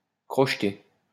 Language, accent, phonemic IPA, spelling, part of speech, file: French, France, /kʁɔʃ.te/, crocheter, verb, LL-Q150 (fra)-crocheter.wav
- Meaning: 1. to pick (a lock) 2. to sidestep